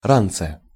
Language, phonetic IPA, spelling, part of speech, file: Russian, [ˈrant͡sɨ], ранце, noun, Ru-ранце.ogg
- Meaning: prepositional singular of ра́нец (ránec)